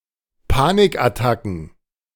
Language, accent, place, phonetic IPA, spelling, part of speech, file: German, Germany, Berlin, [ˈpaːnɪkʔaˌtakn̩], Panikattacken, noun, De-Panikattacken.ogg
- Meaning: plural of Panikattacke